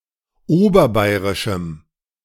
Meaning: strong dative masculine/neuter singular of oberbayrisch
- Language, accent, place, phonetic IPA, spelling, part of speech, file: German, Germany, Berlin, [ˈoːbɐˌbaɪ̯ʁɪʃm̩], oberbayrischem, adjective, De-oberbayrischem.ogg